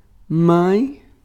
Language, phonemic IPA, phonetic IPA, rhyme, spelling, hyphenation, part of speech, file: Portuguese, /ˈmɐ̃j̃/, [ˈmɐ̃ɪ̯̃], -ɐ̃j̃, mãe, mãe, noun, Pt-mãe.ogg
- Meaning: 1. mother (female who gives birth to or parents a child) 2. one's mother 3. mother (source or origin) 4. mother, stem (whence others spawn, are generated, are copied or stem)